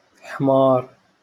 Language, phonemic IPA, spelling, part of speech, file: Moroccan Arabic, /ħmaːr/, حمار, noun / verb, LL-Q56426 (ary)-حمار.wav
- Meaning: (noun) 1. donkey, ass 2. idiot, dumbass; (verb) 1. to become red 2. to blush 3. to become sunburnt